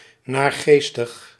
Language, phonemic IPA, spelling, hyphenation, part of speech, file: Dutch, /ˌnaːrˈɣeːs.təx/, naargeestig, naar‧gees‧tig, adjective, Nl-naargeestig.ogg
- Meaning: 1. melancholy, despondent 2. depressing, sombre, gloomy